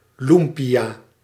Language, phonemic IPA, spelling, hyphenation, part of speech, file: Dutch, /ˈlum.pi.aː/, loempia, loem‧pia, noun, Nl-loempia.ogg
- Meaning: egg roll, spring roll